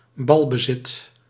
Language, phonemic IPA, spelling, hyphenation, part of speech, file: Dutch, /ˈbɑl.bəˌzɪt/, balbezit, bal‧be‧zit, noun, Nl-balbezit.ogg
- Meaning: possession (of the ball)